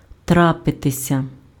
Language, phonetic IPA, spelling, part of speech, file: Ukrainian, [ˈtrapetesʲɐ], трапитися, verb, Uk-трапитися.ogg
- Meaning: to happen, to occur, to take place, to come about